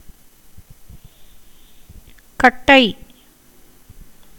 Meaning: 1. firewood 2. log, block, stump, piece of timber 3. stake 4. wooden float of a big sea-fishing net 5. roughness of the beard after shaving 6. mile 7. copper core 8. body 9. corpse 10. funeral pyre
- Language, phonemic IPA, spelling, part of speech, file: Tamil, /kɐʈːɐɪ̯/, கட்டை, noun, Ta-கட்டை.ogg